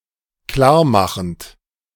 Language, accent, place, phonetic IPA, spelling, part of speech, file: German, Germany, Berlin, [ˈklaːɐ̯ˌmaxn̩t], klarmachend, verb, De-klarmachend.ogg
- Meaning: present participle of klarmachen